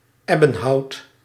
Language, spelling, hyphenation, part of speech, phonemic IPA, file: Dutch, ebbenhout, eb‧ben‧hout, noun, /ˈɛ.bə(n)ˌɦɑu̯t/, Nl-ebbenhout.ogg
- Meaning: the dark tropical wood ebony